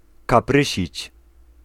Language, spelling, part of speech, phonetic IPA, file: Polish, kaprysić, verb, [kaˈprɨɕit͡ɕ], Pl-kaprysić.ogg